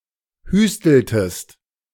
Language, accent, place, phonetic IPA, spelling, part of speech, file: German, Germany, Berlin, [ˈhyːstl̩təst], hüsteltest, verb, De-hüsteltest.ogg
- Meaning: inflection of hüsteln: 1. second-person singular preterite 2. second-person singular subjunctive II